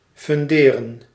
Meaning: 1. to found, to place a foundation under 2. to found, to establish
- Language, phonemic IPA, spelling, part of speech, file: Dutch, /fʏnˈdeːrə(n)/, funderen, verb, Nl-funderen.ogg